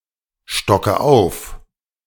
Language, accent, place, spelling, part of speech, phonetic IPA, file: German, Germany, Berlin, stocke auf, verb, [ˌʃtɔkə ˈaʊ̯f], De-stocke auf.ogg
- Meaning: inflection of aufstocken: 1. first-person singular present 2. first/third-person singular subjunctive I 3. singular imperative